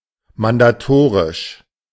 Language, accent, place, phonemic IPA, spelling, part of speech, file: German, Germany, Berlin, /mandaˈtoːʁɪʃ/, mandatorisch, adjective, De-mandatorisch.ogg
- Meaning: mandatory